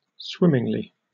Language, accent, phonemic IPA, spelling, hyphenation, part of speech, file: English, UK, /ˈswɪmɪŋli/, swimmingly, swim‧ming‧ly, adverb, En-uk-swimmingly.oga
- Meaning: 1. With a gliding motion suggesting swimming 2. In a very favorable manner; without difficulty; agreeably, successfully